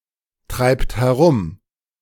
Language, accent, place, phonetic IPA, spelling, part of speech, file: German, Germany, Berlin, [ˌtʁaɪ̯pt hɛˈʁʊm], treibt herum, verb, De-treibt herum.ogg
- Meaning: inflection of herumtreiben: 1. third-person singular present 2. second-person plural present 3. plural imperative